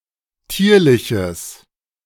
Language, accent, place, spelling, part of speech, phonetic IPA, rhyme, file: German, Germany, Berlin, tierliches, adjective, [ˈtiːɐ̯lɪçəs], -iːɐ̯lɪçəs, De-tierliches.ogg
- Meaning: strong/mixed nominative/accusative neuter singular of tierlich